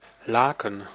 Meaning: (noun) 1. woollen broadcloth (fulled and woven fabric made of wool), very sought-after for clothing in the feudal era 2. bedsheet; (verb) to criticize, reproach, denounce; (noun) plural of laak
- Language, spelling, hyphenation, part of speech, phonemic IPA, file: Dutch, laken, la‧ken, noun / verb, /ˈlaːkə(n)/, Nl-laken.ogg